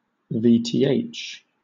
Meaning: threshold voltage of a transistor
- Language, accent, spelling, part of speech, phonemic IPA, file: English, Southern England, Vth, noun, /ˌviː ˌtiː ˈeɪtʃ/, LL-Q1860 (eng)-Vth.wav